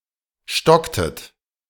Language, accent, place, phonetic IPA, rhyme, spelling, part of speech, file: German, Germany, Berlin, [ˈʃtɔktət], -ɔktət, stocktet, verb, De-stocktet.ogg
- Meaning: inflection of stocken: 1. second-person plural preterite 2. second-person plural subjunctive II